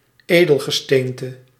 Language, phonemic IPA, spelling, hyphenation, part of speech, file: Dutch, /ˈeː.dəl.ɣəˌsteːn.tə/, edelgesteente, edel‧ge‧steen‧te, noun, Nl-edelgesteente.ogg
- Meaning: 1. precious stones 2. precious stone